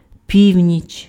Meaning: 1. midnight 2. north
- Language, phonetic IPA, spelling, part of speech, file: Ukrainian, [ˈpʲiu̯nʲit͡ʃ], північ, noun, Uk-північ.ogg